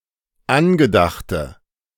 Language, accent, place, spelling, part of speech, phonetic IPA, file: German, Germany, Berlin, angedachte, adjective, [ˈanɡəˌdaxtə], De-angedachte.ogg
- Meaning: inflection of angedacht: 1. strong/mixed nominative/accusative feminine singular 2. strong nominative/accusative plural 3. weak nominative all-gender singular